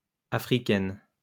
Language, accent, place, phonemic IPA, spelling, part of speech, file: French, France, Lyon, /a.fʁi.kɛn/, africaines, adjective, LL-Q150 (fra)-africaines.wav
- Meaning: feminine plural of africain